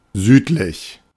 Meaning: south, southern
- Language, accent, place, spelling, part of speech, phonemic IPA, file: German, Germany, Berlin, südlich, adjective, /ˈzyːtlɪç/, De-südlich.ogg